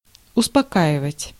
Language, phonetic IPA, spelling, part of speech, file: Russian, [ʊspɐˈkaɪvətʲ], успокаивать, verb, Ru-успокаивать.ogg
- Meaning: 1. to calm, to quiet, to soothe 2. to reassure 3. to assuage, to appease